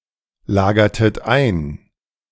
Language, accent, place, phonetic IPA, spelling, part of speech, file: German, Germany, Berlin, [ˌlaːɡɐtət ˈaɪ̯n], lagertet ein, verb, De-lagertet ein.ogg
- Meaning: inflection of einlagern: 1. second-person plural preterite 2. second-person plural subjunctive II